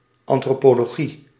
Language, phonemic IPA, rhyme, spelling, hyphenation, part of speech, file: Dutch, /ˌɑn.troː.poː.loːˈɣi/, -i, antropologie, an‧tro‧po‧lo‧gie, noun, Nl-antropologie.ogg
- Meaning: anthropology, the study of mankind